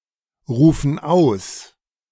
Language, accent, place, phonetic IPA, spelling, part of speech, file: German, Germany, Berlin, [ˌʁuːfn̩ ˈaʊ̯s], rufen aus, verb, De-rufen aus.ogg
- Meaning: inflection of ausrufen: 1. first/third-person plural present 2. first/third-person plural subjunctive I